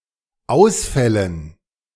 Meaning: dative plural of Ausfall
- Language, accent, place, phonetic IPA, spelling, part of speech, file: German, Germany, Berlin, [ˈaʊ̯sfɛlən], Ausfällen, noun, De-Ausfällen.ogg